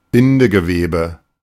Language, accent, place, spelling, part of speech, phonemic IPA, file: German, Germany, Berlin, Bindegewebe, noun, /ˈbɪndəɡəˌveːbə/, De-Bindegewebe.ogg
- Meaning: connective tissue